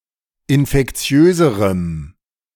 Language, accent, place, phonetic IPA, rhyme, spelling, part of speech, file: German, Germany, Berlin, [ɪnfɛkˈt͡si̯øːzəʁəm], -øːzəʁəm, infektiöserem, adjective, De-infektiöserem.ogg
- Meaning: strong dative masculine/neuter singular comparative degree of infektiös